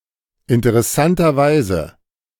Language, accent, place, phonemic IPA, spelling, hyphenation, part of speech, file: German, Germany, Berlin, /ɪntəʁɛˈsantɐˌvaɪ̯zə/, interessanterweise, in‧te‧r‧es‧san‧ter‧wei‧se, adverb, De-interessanterweise.ogg
- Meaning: interestingly, intriguingly